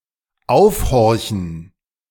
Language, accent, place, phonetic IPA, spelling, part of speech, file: German, Germany, Berlin, [ˈaʊ̯fˌhɔʁçn̩], aufhorchen, verb, De-aufhorchen.ogg
- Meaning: to listen up closely